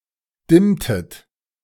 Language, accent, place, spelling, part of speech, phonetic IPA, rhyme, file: German, Germany, Berlin, dimmtet, verb, [ˈdɪmtət], -ɪmtət, De-dimmtet.ogg
- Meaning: inflection of dimmen: 1. second-person plural preterite 2. second-person plural subjunctive II